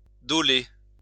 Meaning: to plane (cut with a plane)
- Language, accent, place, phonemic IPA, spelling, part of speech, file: French, France, Lyon, /dɔ.le/, doler, verb, LL-Q150 (fra)-doler.wav